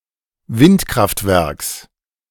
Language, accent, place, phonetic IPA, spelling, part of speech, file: German, Germany, Berlin, [ˈvɪntˌkʁaftvɛʁks], Windkraftwerks, noun, De-Windkraftwerks.ogg
- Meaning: genitive singular of Windkraftwerk